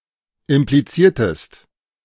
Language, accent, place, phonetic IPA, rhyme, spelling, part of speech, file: German, Germany, Berlin, [ɪmpliˈt͡siːɐ̯təst], -iːɐ̯təst, impliziertest, verb, De-impliziertest.ogg
- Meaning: inflection of implizieren: 1. second-person singular preterite 2. second-person singular subjunctive II